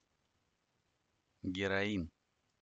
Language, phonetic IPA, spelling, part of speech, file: Russian, [ɡʲɪrɐˈin], героин, noun, Ru-Heroin.ogg
- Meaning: heroin (powerful and addictive drug)